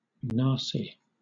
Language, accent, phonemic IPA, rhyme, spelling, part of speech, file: English, Southern England, /ˈnɑː.si/, -ɑːsi, nasi, noun, LL-Q1860 (eng)-nasi.wav
- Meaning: Cooked rice